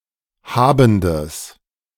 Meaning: strong/mixed nominative/accusative neuter singular of habend
- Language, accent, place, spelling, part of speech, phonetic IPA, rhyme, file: German, Germany, Berlin, habendes, adjective, [ˈhaːbn̩dəs], -aːbn̩dəs, De-habendes.ogg